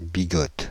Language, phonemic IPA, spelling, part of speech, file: French, /bi.ɡɔt/, bigote, adjective, Fr-bigote.ogg
- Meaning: feminine singular of bigot